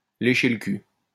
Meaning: to lick someone's ass, to kiss ass, to brownnose, to suck up
- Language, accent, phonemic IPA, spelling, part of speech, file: French, France, /le.ʃe l(ə) kyl/, lécher le cul, verb, LL-Q150 (fra)-lécher le cul.wav